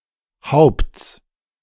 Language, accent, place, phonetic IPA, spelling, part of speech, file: German, Germany, Berlin, [haʊ̯pt͡s], Haupts, noun, De-Haupts.ogg
- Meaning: genitive singular of Haupt